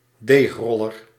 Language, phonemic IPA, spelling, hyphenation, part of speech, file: Dutch, /ˈdeːxˌrɔ.lər/, deegroller, deeg‧rol‧ler, noun, Nl-deegroller.ogg
- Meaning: a rolling pin, rolling food preparation utensil fit to flatten dough